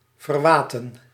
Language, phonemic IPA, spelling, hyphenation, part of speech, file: Dutch, /ˌvərˈʋaː.tə(n)/, verwaten, ver‧wa‧ten, adjective, Nl-verwaten.ogg
- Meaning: 1. damned, cursed 2. arrogant, haughty